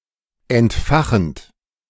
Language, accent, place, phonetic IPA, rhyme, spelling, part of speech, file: German, Germany, Berlin, [ɛntˈfaxn̩t], -axn̩t, entfachend, verb, De-entfachend.ogg
- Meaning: present participle of entfachen